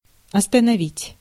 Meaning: 1. to stop, to bring to stop 2. to stop short, to restrain 3. to fix, to direct, to concentrate
- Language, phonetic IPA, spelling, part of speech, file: Russian, [ɐstənɐˈvʲitʲ], остановить, verb, Ru-остановить.ogg